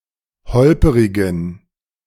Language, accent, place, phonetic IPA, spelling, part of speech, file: German, Germany, Berlin, [ˈhɔlpəʁɪɡn̩], holperigen, adjective, De-holperigen.ogg
- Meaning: inflection of holperig: 1. strong genitive masculine/neuter singular 2. weak/mixed genitive/dative all-gender singular 3. strong/weak/mixed accusative masculine singular 4. strong dative plural